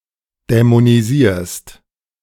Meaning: second-person singular present of dämonisieren
- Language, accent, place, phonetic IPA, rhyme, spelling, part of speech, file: German, Germany, Berlin, [dɛmoniˈziːɐ̯st], -iːɐ̯st, dämonisierst, verb, De-dämonisierst.ogg